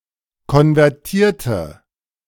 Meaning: inflection of konvertieren: 1. first/third-person singular preterite 2. first/third-person singular subjunctive II
- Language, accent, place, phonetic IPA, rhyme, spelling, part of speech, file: German, Germany, Berlin, [kɔnvɛʁˈtiːɐ̯tə], -iːɐ̯tə, konvertierte, adjective / verb, De-konvertierte.ogg